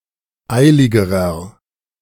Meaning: inflection of eilig: 1. strong/mixed nominative masculine singular comparative degree 2. strong genitive/dative feminine singular comparative degree 3. strong genitive plural comparative degree
- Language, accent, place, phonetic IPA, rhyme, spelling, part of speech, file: German, Germany, Berlin, [ˈaɪ̯lɪɡəʁɐ], -aɪ̯lɪɡəʁɐ, eiligerer, adjective, De-eiligerer.ogg